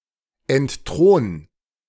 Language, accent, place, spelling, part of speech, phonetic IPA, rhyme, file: German, Germany, Berlin, entthron, verb, [ɛntˈtʁoːn], -oːn, De-entthron.ogg
- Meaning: 1. singular imperative of entthronen 2. first-person singular present of entthronen